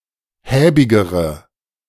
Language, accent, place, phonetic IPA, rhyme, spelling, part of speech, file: German, Germany, Berlin, [ˈhɛːbɪɡəʁə], -ɛːbɪɡəʁə, häbigere, adjective, De-häbigere.ogg
- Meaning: inflection of häbig: 1. strong/mixed nominative/accusative feminine singular comparative degree 2. strong nominative/accusative plural comparative degree